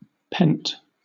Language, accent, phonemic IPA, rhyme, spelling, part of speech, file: English, Southern England, /pɛnt/, -ɛnt, pent, noun / adjective / verb, LL-Q1860 (eng)-pent.wav
- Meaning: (noun) Confinement; concealment; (adjective) Confined in, or as if in, a pen; imprisoned; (verb) simple past and past participle of pen; alternative form of penned; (noun) A pentatonic scale